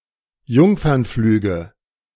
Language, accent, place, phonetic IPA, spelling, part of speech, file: German, Germany, Berlin, [ˈjʊŋfɐnˌflyːɡə], Jungfernflüge, noun, De-Jungfernflüge.ogg
- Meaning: nominative/accusative/genitive plural of Jungfernflug